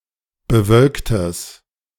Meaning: strong/mixed nominative/accusative neuter singular of bewölkt
- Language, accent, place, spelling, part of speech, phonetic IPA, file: German, Germany, Berlin, bewölktes, adjective, [bəˈvœlktəs], De-bewölktes.ogg